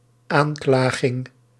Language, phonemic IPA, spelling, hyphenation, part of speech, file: Dutch, /ˈaːnˌklaː.ɣɪŋ/, aanklaging, aan‧kla‧ging, noun, Nl-aanklaging.ogg
- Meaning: 1. action of accusing, indiction 2. accusation